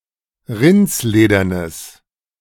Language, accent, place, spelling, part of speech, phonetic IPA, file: German, Germany, Berlin, rindsledernes, adjective, [ˈʁɪnt͡sˌleːdɐnəs], De-rindsledernes.ogg
- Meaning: strong/mixed nominative/accusative neuter singular of rindsledern